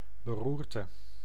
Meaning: 1. fit, stroke or seizure 2. conflict, strife, war, unrest 3. uproar, agitation
- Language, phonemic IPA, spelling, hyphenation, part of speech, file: Dutch, /bəˈrur.tə/, beroerte, be‧roer‧te, noun, Nl-beroerte.ogg